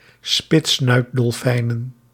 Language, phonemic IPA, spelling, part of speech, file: Dutch, /ˈspɪtsnœydɔlˌfɛinə(n)/, spitssnuitdolfijnen, noun, Nl-spitssnuitdolfijnen.ogg
- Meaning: plural of spitssnuitdolfijn